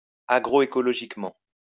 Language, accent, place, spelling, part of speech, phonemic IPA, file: French, France, Lyon, agroécologiquement, adverb, /a.ɡʁo.e.kɔ.lɔ.ʒik.mɑ̃/, LL-Q150 (fra)-agroécologiquement.wav
- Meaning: agroecologically